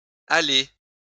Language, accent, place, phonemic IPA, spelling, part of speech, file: French, France, Lyon, /a.le/, allées, noun / verb, LL-Q150 (fra)-allées.wav
- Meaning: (noun) plural of allée; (verb) feminine plural of allé